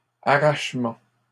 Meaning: 1. uprooting 2. extracting, extraction 3. snatching, grabbing
- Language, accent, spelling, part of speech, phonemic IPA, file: French, Canada, arrachement, noun, /a.ʁaʃ.mɑ̃/, LL-Q150 (fra)-arrachement.wav